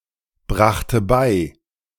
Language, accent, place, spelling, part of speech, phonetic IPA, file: German, Germany, Berlin, brachte bei, verb, [ˌbʁaxtə ˈbaɪ̯], De-brachte bei.ogg
- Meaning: first/third-person singular preterite of beibringen